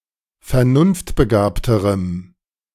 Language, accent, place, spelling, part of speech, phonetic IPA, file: German, Germany, Berlin, vernunftbegabterem, adjective, [fɛɐ̯ˈnʊnftbəˌɡaːptəʁəm], De-vernunftbegabterem.ogg
- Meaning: strong dative masculine/neuter singular comparative degree of vernunftbegabt